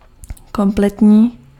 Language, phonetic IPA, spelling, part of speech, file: Czech, [ˈkomplɛtɲiː], kompletní, adjective, Cs-kompletní.ogg
- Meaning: full (complete)